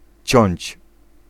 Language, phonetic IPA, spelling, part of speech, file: Polish, [t͡ɕɔ̇̃ɲt͡ɕ], ciąć, verb, Pl-ciąć.ogg